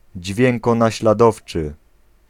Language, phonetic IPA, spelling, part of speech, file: Polish, [ˌd͡ʑvʲjɛ̃ŋkɔ̃naɕlaˈdɔft͡ʃɨ], dźwiękonaśladowczy, adjective, Pl-dźwiękonaśladowczy.ogg